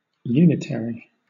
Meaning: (adjective) 1. Having the quality of oneness 2. That concentrates power in a single body, rather than sharing it with more local bodies 3. That contains an identity element
- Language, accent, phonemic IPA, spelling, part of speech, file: English, Southern England, /ˈjuːnɪt(ə)ɹi/, unitary, adjective / noun, LL-Q1860 (eng)-unitary.wav